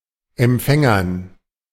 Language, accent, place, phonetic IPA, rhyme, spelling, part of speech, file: German, Germany, Berlin, [ɛmˈp͡fɛŋɐn], -ɛŋɐn, Empfängern, noun, De-Empfängern.ogg
- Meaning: dative plural of Empfänger